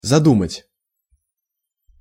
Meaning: 1. to devise 2. to think (of)
- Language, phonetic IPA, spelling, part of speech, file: Russian, [zɐˈdumətʲ], задумать, verb, Ru-задумать.ogg